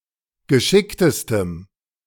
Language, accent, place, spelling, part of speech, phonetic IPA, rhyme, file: German, Germany, Berlin, geschicktestem, adjective, [ɡəˈʃɪktəstəm], -ɪktəstəm, De-geschicktestem.ogg
- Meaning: strong dative masculine/neuter singular superlative degree of geschickt